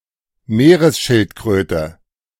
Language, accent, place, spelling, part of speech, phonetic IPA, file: German, Germany, Berlin, Meeresschildkröte, noun, [ˈmeːʁəsˌʃɪltkʁøːtə], De-Meeresschildkröte.ogg
- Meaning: sea turtle (any turtle that inhabits oceans)